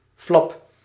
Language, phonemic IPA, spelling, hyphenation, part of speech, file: Dutch, /flɑp/, flap, flap, noun, Nl-flap.ogg
- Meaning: 1. flap (something flexible that is loose) 2. banknote